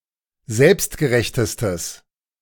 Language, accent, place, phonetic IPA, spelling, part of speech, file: German, Germany, Berlin, [ˈzɛlpstɡəˌʁɛçtəstəs], selbstgerechtestes, adjective, De-selbstgerechtestes.ogg
- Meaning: strong/mixed nominative/accusative neuter singular superlative degree of selbstgerecht